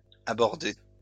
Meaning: feminine singular of abordé
- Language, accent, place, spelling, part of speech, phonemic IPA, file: French, France, Lyon, abordée, verb, /a.bɔʁ.de/, LL-Q150 (fra)-abordée.wav